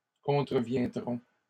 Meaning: third-person plural simple future of contrevenir
- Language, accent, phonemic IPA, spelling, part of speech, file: French, Canada, /kɔ̃.tʁə.vjɛ̃.dʁɔ̃/, contreviendront, verb, LL-Q150 (fra)-contreviendront.wav